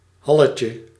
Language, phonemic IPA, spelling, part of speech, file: Dutch, /ˈhɑləcə/, halletje, noun, Nl-halletje.ogg
- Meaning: diminutive of hal